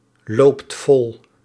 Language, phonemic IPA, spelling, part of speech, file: Dutch, /ˈlopt ˈvɔl/, loopt vol, verb, Nl-loopt vol.ogg
- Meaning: inflection of vollopen: 1. second/third-person singular present indicative 2. plural imperative